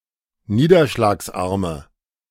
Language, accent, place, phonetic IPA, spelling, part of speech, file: German, Germany, Berlin, [ˈniːdɐʃlaːksˌʔaʁmə], niederschlagsarme, adjective, De-niederschlagsarme.ogg
- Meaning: inflection of niederschlagsarm: 1. strong/mixed nominative/accusative feminine singular 2. strong nominative/accusative plural 3. weak nominative all-gender singular